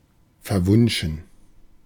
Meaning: enchanted, bewitched, romantic, forgotten
- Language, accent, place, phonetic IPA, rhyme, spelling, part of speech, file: German, Germany, Berlin, [fɛɐ̯ˈvʊnʃn̩], -ʊnʃn̩, verwunschen, adjective, De-verwunschen.ogg